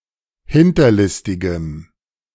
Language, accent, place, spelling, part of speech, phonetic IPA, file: German, Germany, Berlin, hinterlistigem, adjective, [ˈhɪntɐˌlɪstɪɡəm], De-hinterlistigem.ogg
- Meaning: strong dative masculine/neuter singular of hinterlistig